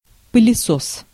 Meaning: vacuum cleaner
- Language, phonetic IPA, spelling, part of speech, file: Russian, [pɨlʲɪˈsos], пылесос, noun, Ru-пылесос.ogg